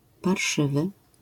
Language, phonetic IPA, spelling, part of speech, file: Polish, [parˈʃɨvɨ], parszywy, adjective, LL-Q809 (pol)-parszywy.wav